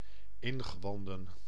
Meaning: guts, entrails, innards
- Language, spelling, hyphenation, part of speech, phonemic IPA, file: Dutch, ingewanden, in‧ge‧wan‧den, noun, /ˈɪn.ɣəˌʋɑn.də(n)/, Nl-ingewanden.ogg